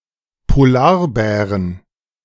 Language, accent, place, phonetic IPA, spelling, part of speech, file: German, Germany, Berlin, [poˈlaːʁbɛːʁən], Polarbären, noun, De-Polarbären.ogg
- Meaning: 1. genitive singular of Polarbär 2. plural of Polarbär